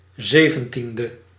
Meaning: seventeenth
- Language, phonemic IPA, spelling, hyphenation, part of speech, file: Dutch, /ˈzeː.və(n)ˌtin.də/, zeventiende, ze‧ven‧tien‧de, adjective, Nl-zeventiende.ogg